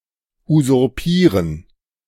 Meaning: to usurp (to seize power)
- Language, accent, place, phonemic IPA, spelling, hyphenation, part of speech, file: German, Germany, Berlin, /uzʊʁˈpiːʁən/, usurpieren, usur‧pie‧ren, verb, De-usurpieren.ogg